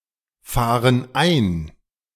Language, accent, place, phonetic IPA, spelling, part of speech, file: German, Germany, Berlin, [ˌfaːʁən ˈaɪ̯n], fahren ein, verb, De-fahren ein.ogg
- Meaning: inflection of einfahren: 1. first/third-person plural present 2. first/third-person plural subjunctive I